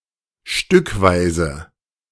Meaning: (adverb) in bits and pieces, piecewise, piece by piece, bit by bit, little by little; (adjective) piecemeal, piece-by-piece
- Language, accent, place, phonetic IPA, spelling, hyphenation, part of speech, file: German, Germany, Berlin, [ˈʃtʏkˌvaɪ̯zə], stückweise, stück‧wei‧se, adverb / adjective, De-stückweise.ogg